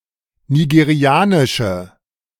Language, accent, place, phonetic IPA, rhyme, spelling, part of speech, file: German, Germany, Berlin, [niɡeˈʁi̯aːnɪʃə], -aːnɪʃə, nigerianische, adjective, De-nigerianische.ogg
- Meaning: inflection of nigerianisch: 1. strong/mixed nominative/accusative feminine singular 2. strong nominative/accusative plural 3. weak nominative all-gender singular